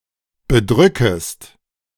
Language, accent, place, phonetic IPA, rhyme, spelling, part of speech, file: German, Germany, Berlin, [bəˈdʁʏkəst], -ʏkəst, bedrückest, verb, De-bedrückest.ogg
- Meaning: second-person singular subjunctive I of bedrücken